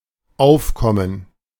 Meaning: 1. revenue 2. rise
- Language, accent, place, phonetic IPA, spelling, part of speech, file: German, Germany, Berlin, [ˈʔaʊ̯fkɔmən], Aufkommen, noun, De-Aufkommen.ogg